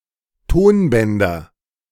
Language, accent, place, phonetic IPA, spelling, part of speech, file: German, Germany, Berlin, [ˈtoːnˌbɛndɐ], Tonbänder, noun, De-Tonbänder.ogg
- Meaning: nominative/accusative/genitive plural of Tonband